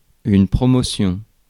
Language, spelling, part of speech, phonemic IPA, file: French, promotion, noun, /pʁɔ.mɔ.sjɔ̃/, Fr-promotion.ogg
- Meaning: 1. promotion (career advancement) 2. promotion, advertising 3. special offer, discount, special, sale 4. school year, school or university yeargroup